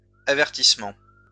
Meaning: plural of avertissement
- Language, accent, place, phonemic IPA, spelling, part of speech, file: French, France, Lyon, /a.vɛʁ.tis.mɑ̃/, avertissements, noun, LL-Q150 (fra)-avertissements.wav